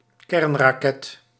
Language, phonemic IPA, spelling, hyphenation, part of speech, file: Dutch, /ˈkɛrn.raːˌkɛt/, kernraket, kern‧ra‧ket, noun, Nl-kernraket.ogg
- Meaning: nuclear missile